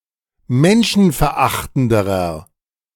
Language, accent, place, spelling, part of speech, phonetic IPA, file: German, Germany, Berlin, menschenverachtenderer, adjective, [ˈmɛnʃn̩fɛɐ̯ˌʔaxtn̩dəʁɐ], De-menschenverachtenderer.ogg
- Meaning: inflection of menschenverachtend: 1. strong/mixed nominative masculine singular comparative degree 2. strong genitive/dative feminine singular comparative degree